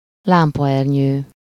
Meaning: lampshade
- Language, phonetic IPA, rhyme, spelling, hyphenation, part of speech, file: Hungarian, [ˈlaːmpɒɛrɲøː], -ɲøː, lámpaernyő, lám‧pa‧er‧nyő, noun, Hu-lámpaernyő.ogg